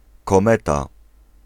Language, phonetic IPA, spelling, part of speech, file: Polish, [kɔ̃ˈmɛta], kometa, noun, Pl-kometa.ogg